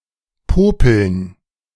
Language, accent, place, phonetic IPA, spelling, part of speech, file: German, Germany, Berlin, [ˈpoːpl̩n], Popeln, noun, De-Popeln.ogg
- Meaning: 1. nominalized infinitive of popeln: the act of picking one’s nose 2. dative plural of Popel